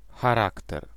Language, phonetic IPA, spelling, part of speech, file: Polish, [xaˈraktɛr], charakter, noun, Pl-charakter.ogg